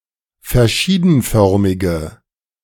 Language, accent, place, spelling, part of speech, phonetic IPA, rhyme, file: German, Germany, Berlin, verschiedenförmige, adjective, [fɛɐ̯ˈʃiːdn̩ˌfœʁmɪɡə], -iːdn̩fœʁmɪɡə, De-verschiedenförmige.ogg
- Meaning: inflection of verschiedenförmig: 1. strong/mixed nominative/accusative feminine singular 2. strong nominative/accusative plural 3. weak nominative all-gender singular